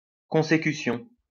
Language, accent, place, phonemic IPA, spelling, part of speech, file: French, France, Lyon, /kɔ̃.se.ky.sjɔ̃/, consécution, noun, LL-Q150 (fra)-consécution.wav
- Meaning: consecution